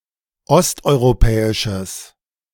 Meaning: strong/mixed nominative/accusative neuter singular of osteuropäisch
- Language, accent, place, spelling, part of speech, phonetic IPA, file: German, Germany, Berlin, osteuropäisches, adjective, [ˈɔstʔɔɪ̯ʁoˌpɛːɪʃəs], De-osteuropäisches.ogg